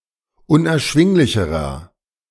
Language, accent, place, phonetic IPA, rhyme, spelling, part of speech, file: German, Germany, Berlin, [ʊnʔɛɐ̯ˈʃvɪŋlɪçəʁɐ], -ɪŋlɪçəʁɐ, unerschwinglicherer, adjective, De-unerschwinglicherer.ogg
- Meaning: inflection of unerschwinglich: 1. strong/mixed nominative masculine singular comparative degree 2. strong genitive/dative feminine singular comparative degree